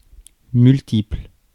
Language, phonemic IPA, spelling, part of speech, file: French, /myl.tipl/, multiple, adjective / noun, Fr-multiple.ogg
- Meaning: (adjective) multiple